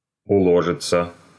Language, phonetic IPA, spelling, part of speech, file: Russian, [ʊˈɫoʐɨt͡sə], уложится, verb, Ru-уло́жится.ogg
- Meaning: third-person singular future indicative perfective of уложи́ться (uložítʹsja)